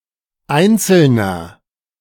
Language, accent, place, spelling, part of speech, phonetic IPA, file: German, Germany, Berlin, einzelner, adjective, [ˈaɪ̯nt͡sl̩nɐ], De-einzelner.ogg
- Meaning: inflection of einzeln: 1. strong/mixed nominative masculine singular 2. strong genitive/dative feminine singular 3. strong genitive plural